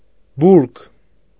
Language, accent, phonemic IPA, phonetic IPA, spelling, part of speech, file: Armenian, Eastern Armenian, /buɾɡ/, [buɾɡ], բուրգ, noun, Hy-բուրգ.ogg
- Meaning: pyramid